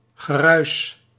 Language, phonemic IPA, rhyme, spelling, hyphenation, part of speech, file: Dutch, /ɣəˈrœy̯s/, -œy̯s, geruis, ge‧ruis, noun, Nl-geruis.ogg
- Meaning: 1. rustling, rushing, noise 2. murmur (of the heart)